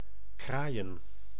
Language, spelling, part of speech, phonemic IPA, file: Dutch, kraaien, verb / noun, /ˈkraːi̯.ə(n)/, Nl-kraaien.ogg
- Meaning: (verb) 1. to crow, make to sound of roosters and certain other birds 2. to talk or cry affirmatively, in triumph, frolicking etc; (noun) plural of kraai